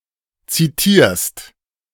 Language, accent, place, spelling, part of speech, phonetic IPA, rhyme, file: German, Germany, Berlin, zitierst, verb, [ˌt͡siˈtiːɐ̯st], -iːɐ̯st, De-zitierst.ogg
- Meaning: second-person singular present of zitieren